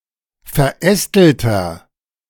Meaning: 1. comparative degree of verästelt 2. inflection of verästelt: strong/mixed nominative masculine singular 3. inflection of verästelt: strong genitive/dative feminine singular
- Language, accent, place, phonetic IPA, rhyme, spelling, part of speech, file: German, Germany, Berlin, [fɛɐ̯ˈʔɛstl̩tɐ], -ɛstl̩tɐ, verästelter, adjective, De-verästelter.ogg